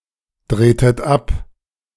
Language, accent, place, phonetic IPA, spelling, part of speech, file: German, Germany, Berlin, [ˌdʁeːtət ˈap], drehtet ab, verb, De-drehtet ab.ogg
- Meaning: inflection of abdrehen: 1. second-person plural preterite 2. second-person plural subjunctive II